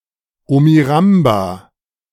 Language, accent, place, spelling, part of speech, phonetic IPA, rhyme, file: German, Germany, Berlin, Omiramba, noun, [ˌomiˈʁamba], -amba, De-Omiramba.ogg
- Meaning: plural of Omuramba